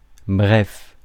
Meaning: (adjective) brief (of short duration); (adverb) in short, in brief, briefly
- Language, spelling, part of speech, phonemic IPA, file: French, bref, adjective / adverb, /bʁɛf/, Fr-bref.ogg